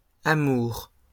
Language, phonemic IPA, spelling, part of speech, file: French, /a.muʁ/, amours, noun, LL-Q150 (fra)-amours.wav
- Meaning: 1. plural of amour 2. love affairs